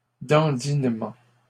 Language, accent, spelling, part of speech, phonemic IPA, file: French, Canada, dandinement, noun, /dɑ̃.din.mɑ̃/, LL-Q150 (fra)-dandinement.wav
- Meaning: waddling